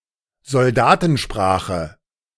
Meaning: military slang
- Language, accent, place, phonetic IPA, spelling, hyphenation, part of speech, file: German, Germany, Berlin, [zɔlˈdaːtn̩ˌʃpʁaːχə], Soldatensprache, Sol‧da‧ten‧spra‧che, noun, De-Soldatensprache.ogg